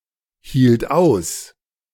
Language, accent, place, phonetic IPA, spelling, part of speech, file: German, Germany, Berlin, [ˌhiːlt ˈaʊ̯s], hielt aus, verb, De-hielt aus.ogg
- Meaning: first/third-person singular preterite of aushalten